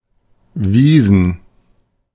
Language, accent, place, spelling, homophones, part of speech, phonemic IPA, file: German, Germany, Berlin, Wiesen, Visen, noun / proper noun, /ˈviːzən/, De-Wiesen.ogg
- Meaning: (noun) plural of Wiese (“meadow”); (proper noun) 1. a community in northwestern Bavaria, Germany 2. a town in Burgenland, Austria 3. a surname